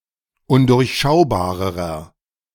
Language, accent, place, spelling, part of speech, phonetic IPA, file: German, Germany, Berlin, undurchschaubarerer, adjective, [ˈʊndʊʁçˌʃaʊ̯baːʁəʁɐ], De-undurchschaubarerer.ogg
- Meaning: inflection of undurchschaubar: 1. strong/mixed nominative masculine singular comparative degree 2. strong genitive/dative feminine singular comparative degree